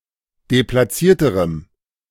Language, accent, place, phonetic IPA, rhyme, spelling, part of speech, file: German, Germany, Berlin, [deplaˈt͡siːɐ̯təʁəm], -iːɐ̯təʁəm, deplatzierterem, adjective, De-deplatzierterem.ogg
- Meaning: strong dative masculine/neuter singular comparative degree of deplatziert